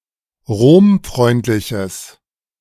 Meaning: strong/mixed nominative/accusative neuter singular of romfreundlich
- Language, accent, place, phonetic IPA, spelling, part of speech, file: German, Germany, Berlin, [ˈʁoːmˌfʁɔɪ̯ntlɪçəs], romfreundliches, adjective, De-romfreundliches.ogg